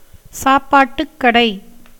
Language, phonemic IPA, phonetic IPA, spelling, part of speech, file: Tamil, /tʃɑːpːɑːʈːʊkːɐɖɐɪ̯/, [säːpːäːʈːʊkːɐɖɐɪ̯], சாப்பாட்டுக்கடை, noun, Ta-சாப்பாட்டுக்கடை.ogg
- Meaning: hotel, restaurant